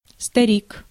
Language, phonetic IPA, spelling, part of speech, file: Russian, [stɐˈrʲik], старик, noun, Ru-старик.ogg
- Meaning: 1. old man 2. old-timer, that man who has worked or served somewhere more than his younger colleagues 3. father, foozle 4. elderly husband for a wife 5. chap